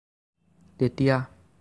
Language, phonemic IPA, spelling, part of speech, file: Assamese, /tɛ.tiɑ/, তেতিয়া, adverb, As-তেতিয়া.ogg
- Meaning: then